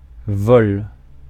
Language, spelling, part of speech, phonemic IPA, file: French, vol, noun, /vɔl/, Fr-vol.ogg
- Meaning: 1. flight 2. stealing, theft, robbery